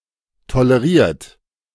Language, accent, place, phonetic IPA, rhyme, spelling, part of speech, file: German, Germany, Berlin, [toləˈʁiːɐ̯t], -iːɐ̯t, toleriert, verb, De-toleriert.ogg
- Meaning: 1. past participle of tolerieren 2. inflection of tolerieren: third-person singular present 3. inflection of tolerieren: second-person plural present 4. inflection of tolerieren: plural imperative